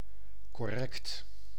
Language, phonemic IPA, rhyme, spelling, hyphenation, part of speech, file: Dutch, /kɔˈrɛkt/, -ɛkt, correct, cor‧rect, adjective, Nl-correct.ogg
- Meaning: correct